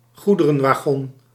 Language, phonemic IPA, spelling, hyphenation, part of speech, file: Dutch, /ˈɣu.də.rə(n).ʋaːˌɣɔn/, goederenwagon, goe‧de‧ren‧wa‧gon, noun, Nl-goederenwagon.ogg
- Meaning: freight wagon, goods wagon, freight car